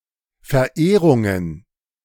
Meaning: plural of Verehrung
- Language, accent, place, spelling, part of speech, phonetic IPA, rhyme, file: German, Germany, Berlin, Verehrungen, noun, [fɛɐ̯ˈʔeːʁʊŋən], -eːʁʊŋən, De-Verehrungen.ogg